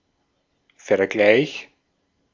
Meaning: 1. comparison 2. settlement (resolution of a dispute)
- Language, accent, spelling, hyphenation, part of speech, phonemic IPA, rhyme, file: German, Austria, Vergleich, Ver‧gleich, noun, /fɛɐ̯ˈɡlaɪ̯ç/, -aɪ̯ç, De-at-Vergleich.ogg